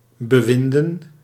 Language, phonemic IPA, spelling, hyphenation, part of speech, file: Dutch, /ˌbəˈʋin.də(n)/, bewinden, be‧win‧den, verb / noun, Nl-bewinden.ogg
- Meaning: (verb) 1. to wind or wrap around 2. to meddle, to influence 3. to rule, to govern; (noun) plural of bewind